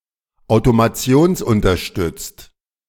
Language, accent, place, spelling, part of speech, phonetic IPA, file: German, Germany, Berlin, automationsunterstützt, adjective, [aʊ̯tomaˈt͡si̯oːnsʔʊntɐˌʃtʏt͡st], De-automationsunterstützt.ogg
- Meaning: automated (supported by automation)